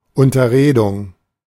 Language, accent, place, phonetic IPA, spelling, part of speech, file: German, Germany, Berlin, [ˌʊntɐˈʁeːdʊŋ], Unterredung, noun, De-Unterredung.ogg
- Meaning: discussion, talk (especially to resolve an issue)